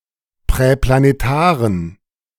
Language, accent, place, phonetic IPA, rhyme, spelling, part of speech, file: German, Germany, Berlin, [pʁɛplaneˈtaːʁən], -aːʁən, präplanetaren, adjective, De-präplanetaren.ogg
- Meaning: inflection of präplanetar: 1. strong genitive masculine/neuter singular 2. weak/mixed genitive/dative all-gender singular 3. strong/weak/mixed accusative masculine singular 4. strong dative plural